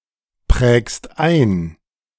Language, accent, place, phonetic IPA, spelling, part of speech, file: German, Germany, Berlin, [ˌpʁɛːkst ˈaɪ̯n], prägst ein, verb, De-prägst ein.ogg
- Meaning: second-person singular present of einprägen